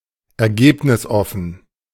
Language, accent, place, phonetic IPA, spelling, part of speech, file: German, Germany, Berlin, [ɛɐ̯ˈɡeːpnɪsˌʔɔfn̩], ergebnisoffen, adjective, De-ergebnisoffen.ogg
- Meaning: open-ended